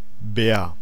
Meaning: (noun) 1. bear (animal) 2. bear (someone or something bear-like, e.g. a sturdy man) 3. safe, strongbox 4. large block or hammer for machining things or pile-driving
- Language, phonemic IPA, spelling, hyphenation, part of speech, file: German, /bɛːr/, Bär, Bär, noun / proper noun, De-Bär.ogg